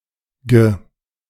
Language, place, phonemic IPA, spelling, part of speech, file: German, Berlin, /jə/, ge-, prefix, De-ge-.ogg
- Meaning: Forms collective nouns, almost always neuter gender. Whenever possible, the root vowel is modified as well